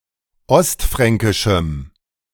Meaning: strong dative masculine/neuter singular of ostfränkisch
- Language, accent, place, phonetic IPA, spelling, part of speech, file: German, Germany, Berlin, [ˈɔstˌfʁɛŋkɪʃm̩], ostfränkischem, adjective, De-ostfränkischem.ogg